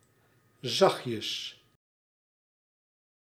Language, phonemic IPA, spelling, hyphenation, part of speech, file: Dutch, /ˈzɑx.tjəs/, zachtjes, zacht‧jes, adverb, Nl-zachtjes.ogg
- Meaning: diminutive of zacht; softly, gently, quietly